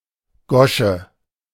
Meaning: mouth
- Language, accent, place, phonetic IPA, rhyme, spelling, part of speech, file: German, Germany, Berlin, [ˈɡɔʃə], -ɔʃə, Gosche, noun, De-Gosche.ogg